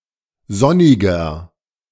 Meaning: 1. comparative degree of sonnig 2. inflection of sonnig: strong/mixed nominative masculine singular 3. inflection of sonnig: strong genitive/dative feminine singular
- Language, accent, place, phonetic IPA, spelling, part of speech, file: German, Germany, Berlin, [ˈzɔnɪɡɐ], sonniger, adjective, De-sonniger.ogg